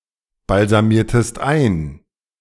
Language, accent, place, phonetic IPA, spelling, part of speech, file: German, Germany, Berlin, [balzaˌmiːɐ̯təst ˈaɪ̯n], balsamiertest ein, verb, De-balsamiertest ein.ogg
- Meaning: inflection of einbalsamieren: 1. second-person singular preterite 2. second-person singular subjunctive II